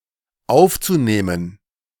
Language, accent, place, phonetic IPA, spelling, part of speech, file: German, Germany, Berlin, [ˈaʊ̯ft͡suˌneːmən], aufzunehmen, verb, De-aufzunehmen.ogg
- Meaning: zu-infinitive of aufnehmen